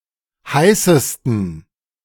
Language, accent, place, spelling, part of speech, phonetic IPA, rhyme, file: German, Germany, Berlin, heißesten, adjective, [ˈhaɪ̯səstn̩], -aɪ̯səstn̩, De-heißesten.ogg
- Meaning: 1. superlative degree of heiß 2. inflection of heiß: strong genitive masculine/neuter singular superlative degree